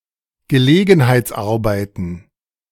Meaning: plural of Gelegenheitsarbeit
- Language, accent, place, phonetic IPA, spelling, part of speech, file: German, Germany, Berlin, [ɡəˈleːɡn̩haɪ̯t͡sˌʔaʁbaɪ̯tn̩], Gelegenheitsarbeiten, noun, De-Gelegenheitsarbeiten.ogg